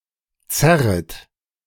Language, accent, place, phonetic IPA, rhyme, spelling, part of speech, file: German, Germany, Berlin, [ˈt͡sɛʁət], -ɛʁət, zerret, verb, De-zerret.ogg
- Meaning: second-person plural subjunctive I of zerren